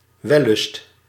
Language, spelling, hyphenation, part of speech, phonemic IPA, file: Dutch, wellust, wel‧lust, noun, /ˈʋɛ.lʏst/, Nl-wellust.ogg
- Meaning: 1. pleasure, lust 2. lust, lechery, sensual pleasure 3. desire